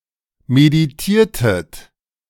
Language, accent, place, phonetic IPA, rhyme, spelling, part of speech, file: German, Germany, Berlin, [mediˈtiːɐ̯tət], -iːɐ̯tət, meditiertet, verb, De-meditiertet.ogg
- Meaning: inflection of meditieren: 1. second-person plural preterite 2. second-person plural subjunctive II